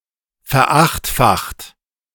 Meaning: 1. past participle of verachtfachen 2. inflection of verachtfachen: second-person plural present 3. inflection of verachtfachen: third-person singular present
- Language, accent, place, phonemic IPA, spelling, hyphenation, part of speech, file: German, Germany, Berlin, /fɛɐ̯ˈaxtfaxt/, verachtfacht, ver‧acht‧facht, verb, De-verachtfacht.ogg